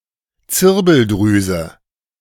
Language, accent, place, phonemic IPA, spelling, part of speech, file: German, Germany, Berlin, /ˈt͡sɪʁbəldʁyːzə/, Zirbeldrüse, noun, De-Zirbeldrüse.ogg
- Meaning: pineal gland